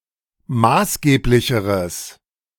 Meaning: strong/mixed nominative/accusative neuter singular comparative degree of maßgeblich
- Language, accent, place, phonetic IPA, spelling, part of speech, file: German, Germany, Berlin, [ˈmaːsˌɡeːplɪçəʁəs], maßgeblicheres, adjective, De-maßgeblicheres.ogg